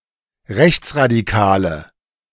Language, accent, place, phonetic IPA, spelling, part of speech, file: German, Germany, Berlin, [ˈʁɛçt͡sʁadiˌkaːlə], rechtsradikale, adjective, De-rechtsradikale.ogg
- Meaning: inflection of rechtsradikal: 1. strong/mixed nominative/accusative feminine singular 2. strong nominative/accusative plural 3. weak nominative all-gender singular